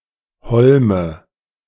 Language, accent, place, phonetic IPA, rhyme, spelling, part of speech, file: German, Germany, Berlin, [ˈhɔlmə], -ɔlmə, Holme, noun, De-Holme.ogg
- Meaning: nominative/accusative/genitive plural of Holm